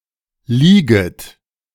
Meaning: second-person plural subjunctive I of liegen
- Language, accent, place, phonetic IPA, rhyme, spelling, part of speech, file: German, Germany, Berlin, [ˈliːɡət], -iːɡət, lieget, verb, De-lieget.ogg